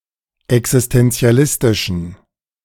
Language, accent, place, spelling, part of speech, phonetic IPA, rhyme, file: German, Germany, Berlin, existenzialistischen, adjective, [ɛksɪstɛnt͡si̯aˈlɪstɪʃn̩], -ɪstɪʃn̩, De-existenzialistischen.ogg
- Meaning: inflection of existenzialistisch: 1. strong genitive masculine/neuter singular 2. weak/mixed genitive/dative all-gender singular 3. strong/weak/mixed accusative masculine singular